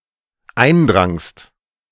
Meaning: second-person singular dependent preterite of eindringen
- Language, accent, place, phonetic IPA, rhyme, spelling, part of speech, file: German, Germany, Berlin, [ˈaɪ̯nˌdʁaŋst], -aɪ̯ndʁaŋst, eindrangst, verb, De-eindrangst.ogg